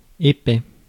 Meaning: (adjective) 1. thick 2. stupid, thick; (adverb) thickly; densely
- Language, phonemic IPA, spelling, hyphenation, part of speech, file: French, /e.pɛ/, épais, é‧pais, adjective / adverb, Fr-épais.ogg